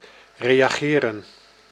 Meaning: 1. to react, to respond 2. to react, to undergo a chemical reaction
- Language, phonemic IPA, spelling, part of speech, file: Dutch, /ˌreːjaːˈɣeːrə(n)/, reageren, verb, Nl-reageren.ogg